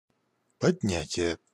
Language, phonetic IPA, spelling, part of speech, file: Russian, [pɐdʲˈnʲætʲɪje], поднятие, noun, Ru-поднятие.ogg
- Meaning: raising, rise, rising, lifting, elevation